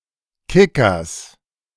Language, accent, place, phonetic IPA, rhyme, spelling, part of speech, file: German, Germany, Berlin, [ˈkɪkɐs], -ɪkɐs, Kickers, noun, De-Kickers.ogg
- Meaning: genitive singular of Kicker